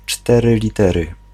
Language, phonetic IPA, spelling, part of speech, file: Polish, [ˈt͡ʃtɛrɨ lʲiˈtɛrɨ], cztery litery, noun, Pl-cztery litery.ogg